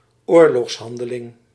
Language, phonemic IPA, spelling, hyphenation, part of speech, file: Dutch, /ˈoː.lɔxsˌɦɑn.də.lɪŋ/, oorlogshandeling, oor‧logs‧han‧de‧ling, noun, Nl-oorlogshandeling.ogg
- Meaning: wartime action, act of war